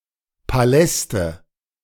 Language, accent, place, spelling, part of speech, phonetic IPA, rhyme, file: German, Germany, Berlin, Paläste, noun, [paˈlɛstə], -ɛstə, De-Paläste.ogg
- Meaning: nominative/accusative/genitive plural of Palast